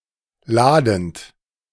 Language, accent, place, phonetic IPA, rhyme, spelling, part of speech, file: German, Germany, Berlin, [ˈlaːdn̩t], -aːdn̩t, ladend, verb, De-ladend.ogg
- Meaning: present participle of laden